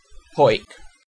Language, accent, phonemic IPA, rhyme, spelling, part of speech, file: English, UK, /hɔɪk/, -ɔɪk, Hawick, proper noun, En-uk-Hawick.ogg
- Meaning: A town in the Scottish Borders council area, Scotland, historically in Roxburghshire (OS grid ref NT5015)